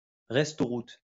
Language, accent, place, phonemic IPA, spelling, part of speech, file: French, France, Lyon, /ʁɛs.tɔ.ʁut/, restauroute, noun, LL-Q150 (fra)-restauroute.wav
- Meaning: transport cafe